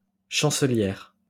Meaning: female equivalent of chancelier
- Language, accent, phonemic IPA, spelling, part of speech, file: French, France, /ʃɑ̃.sə.ljɛʁ/, chancelière, noun, LL-Q150 (fra)-chancelière.wav